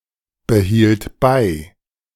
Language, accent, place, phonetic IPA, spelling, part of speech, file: German, Germany, Berlin, [bəˌhiːlt ˈbaɪ̯], behielt bei, verb, De-behielt bei.ogg
- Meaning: first/third-person singular preterite of beibehalten